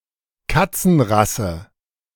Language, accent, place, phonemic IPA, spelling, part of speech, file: German, Germany, Berlin, /ˈkat͡sn̩ˌʁasə/, Katzenrasse, noun, De-Katzenrasse.ogg
- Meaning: cat breed